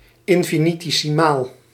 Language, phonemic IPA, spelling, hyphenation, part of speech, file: Dutch, /ˌɪn.fi.ni.teː.siˈmaːl/, infinitesimaal, in‧fi‧ni‧te‧si‧maal, adjective, Nl-infinitesimaal.ogg
- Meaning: infinitesimal